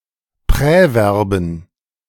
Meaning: plural of Präverb
- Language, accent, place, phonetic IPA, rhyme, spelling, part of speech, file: German, Germany, Berlin, [ˌpʁɛˈvɛʁbn̩], -ɛʁbn̩, Präverben, noun, De-Präverben.ogg